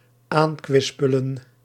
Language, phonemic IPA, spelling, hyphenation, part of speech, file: Dutch, /ˈaːnˌkʋɪs.pə.lə(n)/, aankwispelen, aan‧kwis‧pe‧len, verb, Nl-aankwispelen.ogg
- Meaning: to approach while wagging one's tail